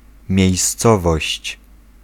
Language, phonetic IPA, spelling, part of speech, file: Polish, [mʲjɛ̇jsˈt͡sɔvɔɕt͡ɕ], miejscowość, noun, Pl-miejscowość.ogg